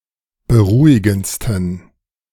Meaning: 1. superlative degree of beruhigend 2. inflection of beruhigend: strong genitive masculine/neuter singular superlative degree
- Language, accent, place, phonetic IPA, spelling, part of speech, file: German, Germany, Berlin, [bəˈʁuːɪɡn̩t͡stən], beruhigendsten, adjective, De-beruhigendsten.ogg